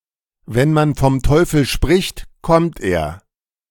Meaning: speak of the devil and he shall appear
- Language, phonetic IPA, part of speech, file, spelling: German, [vɛn man fɔm ˈtɔɪ̯fl̩ ʃpʁɪçt ˈkɔmt eːɐ̯], phrase, De-wenn man vom Teufel spricht kommt er.ogg, wenn man vom Teufel spricht, kommt er